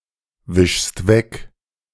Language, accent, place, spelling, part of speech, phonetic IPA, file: German, Germany, Berlin, wischst weg, verb, [ˌvɪʃst ˈvɛk], De-wischst weg.ogg
- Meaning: second-person singular present of wegwischen